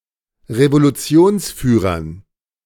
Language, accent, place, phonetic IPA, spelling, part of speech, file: German, Germany, Berlin, [ʁevoluˈt͡si̯oːnsˌfyːʁɐn], Revolutionsführern, noun, De-Revolutionsführern.ogg
- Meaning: dative plural of Revolutionsführer